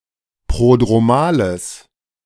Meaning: strong/mixed nominative/accusative neuter singular of prodromal
- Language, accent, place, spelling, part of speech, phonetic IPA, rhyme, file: German, Germany, Berlin, prodromales, adjective, [ˌpʁodʁoˈmaːləs], -aːləs, De-prodromales.ogg